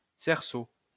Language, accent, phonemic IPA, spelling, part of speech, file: French, France, /sɛʁ.so/, cerceau, noun, LL-Q150 (fra)-cerceau.wav
- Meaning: 1. hoop (circular-shaped ring) 2. hoop